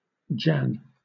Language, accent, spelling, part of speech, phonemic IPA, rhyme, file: English, Southern England, Jan, proper noun, /d͡ʒæn/, -æn, LL-Q1860 (eng)-Jan.wav
- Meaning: 1. A male given name from Hebrew 2. A female given name